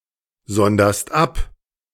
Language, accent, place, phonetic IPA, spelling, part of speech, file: German, Germany, Berlin, [ˌzɔndɐst ˈap], sonderst ab, verb, De-sonderst ab.ogg
- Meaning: second-person singular present of absondern